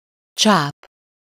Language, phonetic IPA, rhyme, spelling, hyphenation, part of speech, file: Hungarian, [ˈt͡ʃaːp], -aːp, csáp, csáp, noun, Hu-csáp.ogg
- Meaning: 1. feeler (an antenna or appendage used for feeling, especially on an insect) 2. tentacle